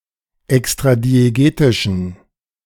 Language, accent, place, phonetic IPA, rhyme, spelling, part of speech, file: German, Germany, Berlin, [ɛkstʁadieˈɡeːtɪʃn̩], -eːtɪʃn̩, extradiegetischen, adjective, De-extradiegetischen.ogg
- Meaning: inflection of extradiegetisch: 1. strong genitive masculine/neuter singular 2. weak/mixed genitive/dative all-gender singular 3. strong/weak/mixed accusative masculine singular 4. strong dative plural